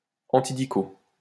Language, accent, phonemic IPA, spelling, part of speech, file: French, France, /ɑ̃.ti.di.ko/, antidicot, adjective, LL-Q150 (fra)-antidicot.wav
- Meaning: synonym of antidicotylédone